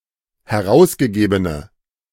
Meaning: inflection of herausgegeben: 1. strong/mixed nominative/accusative feminine singular 2. strong nominative/accusative plural 3. weak nominative all-gender singular
- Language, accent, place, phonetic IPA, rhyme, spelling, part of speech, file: German, Germany, Berlin, [hɛˈʁaʊ̯sɡəˌɡeːbənə], -aʊ̯sɡəɡeːbənə, herausgegebene, adjective, De-herausgegebene.ogg